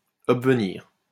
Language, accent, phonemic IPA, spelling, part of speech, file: French, France, /ɔb.və.niʁ/, obvenir, verb, LL-Q150 (fra)-obvenir.wav
- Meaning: to happen, to occur